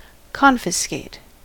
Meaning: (verb) To use one's authority to lay claim to and separate a possession from its holder; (adjective) Confiscated; seized and appropriated by the government for public use; forfeit
- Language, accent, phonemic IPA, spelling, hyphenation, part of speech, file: English, US, /ˈkɑnfəˌskeɪt/, confiscate, con‧fis‧cate, verb / adjective, En-us-confiscate.ogg